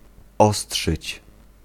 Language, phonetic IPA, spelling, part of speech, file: Polish, [ˈɔsṭʃɨt͡ɕ], ostrzyć, verb, Pl-ostrzyć.ogg